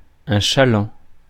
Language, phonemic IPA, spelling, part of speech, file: French, /ʃa.lɑ̃/, chaland, noun, Fr-chaland.ogg
- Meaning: 1. regular client, returning client; customer 2. barge (flat-bottomed bulk carrier mainly for inland waters)